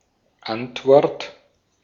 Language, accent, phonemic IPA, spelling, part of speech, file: German, Austria, /ˈantvɔʁt/, Antwort, noun, De-at-Antwort.ogg
- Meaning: answer